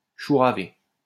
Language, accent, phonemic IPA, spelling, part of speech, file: French, France, /ʃu.ʁa.ve/, chouraver, verb, LL-Q150 (fra)-chouraver.wav
- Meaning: to nick, pinch (steal)